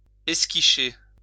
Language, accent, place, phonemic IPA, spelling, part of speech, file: French, France, Lyon, /ɛs.ki.ʃe/, esquicher, verb, LL-Q150 (fra)-esquicher.wav
- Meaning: to squeeze